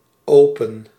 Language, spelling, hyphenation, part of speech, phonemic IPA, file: Dutch, open, open, adjective / verb, /ˈoː.pə(n)/, Nl-open.ogg
- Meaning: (adjective) 1. open, not closed 2. open for business 3. open, receptive; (verb) inflection of openen: 1. first-person singular present indicative 2. second-person singular present indicative